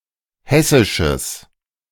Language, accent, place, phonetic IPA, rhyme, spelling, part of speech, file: German, Germany, Berlin, [ˈhɛsɪʃəs], -ɛsɪʃəs, hessisches, adjective, De-hessisches.ogg
- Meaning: strong/mixed nominative/accusative neuter singular of hessisch